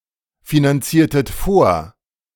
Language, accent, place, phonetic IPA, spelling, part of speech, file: German, Germany, Berlin, [finanˌt͡siːɐ̯tət ˈfoːɐ̯], finanziertet vor, verb, De-finanziertet vor.ogg
- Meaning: inflection of vorfinanzieren: 1. second-person plural preterite 2. second-person plural subjunctive II